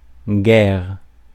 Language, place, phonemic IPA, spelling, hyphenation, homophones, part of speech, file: French, Paris, /ɡɛʁ/, guère, guère, guerre / guerres, adverb, Fr-guère.ogg
- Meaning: hardly, barely, (not) much